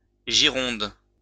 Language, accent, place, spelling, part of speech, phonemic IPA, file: French, France, Lyon, gironde, adjective, /ʒi.ʁɔ̃d/, LL-Q150 (fra)-gironde.wav
- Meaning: feminine singular of girond